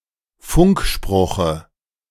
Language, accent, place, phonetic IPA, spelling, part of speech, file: German, Germany, Berlin, [ˈfʊŋkˌʃpʁʊxə], Funkspruche, noun, De-Funkspruche.ogg
- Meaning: dative of Funkspruch